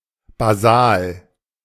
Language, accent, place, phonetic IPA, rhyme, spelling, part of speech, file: German, Germany, Berlin, [baˈzaːl], -aːl, basal, adjective, De-basal.ogg
- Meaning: basal